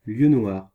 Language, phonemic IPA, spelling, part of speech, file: French, /ljø nwaʁ/, lieu noir, noun, Fr-lieu noir.ogg
- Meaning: coalfish; coley (Pollachius virens)